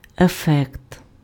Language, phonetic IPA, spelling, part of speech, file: Ukrainian, [eˈfɛkt], ефект, noun, Uk-ефект.ogg
- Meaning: effect